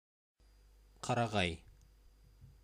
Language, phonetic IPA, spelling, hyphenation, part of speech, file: Bashkir, [qɑ.rɑ.ˈʁɑj], ҡарағай, ҡа‧ра‧ғай, noun, Ba-ҡарағай.ogg
- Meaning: 1. pine tree 2. pine wood